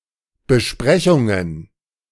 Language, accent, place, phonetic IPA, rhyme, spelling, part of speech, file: German, Germany, Berlin, [bəˈʃpʁɛçʊŋən], -ɛçʊŋən, Besprechungen, noun, De-Besprechungen.ogg
- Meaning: plural of Besprechung